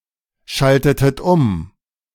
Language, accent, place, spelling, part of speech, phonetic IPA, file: German, Germany, Berlin, schaltetet um, verb, [ˌʃaltətət ˈʊm], De-schaltetet um.ogg
- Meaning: inflection of umschalten: 1. second-person plural preterite 2. second-person plural subjunctive II